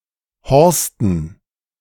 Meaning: dative plural of Horst
- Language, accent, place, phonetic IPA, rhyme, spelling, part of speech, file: German, Germany, Berlin, [ˈhɔʁstn̩], -ɔʁstn̩, Horsten, noun, De-Horsten.ogg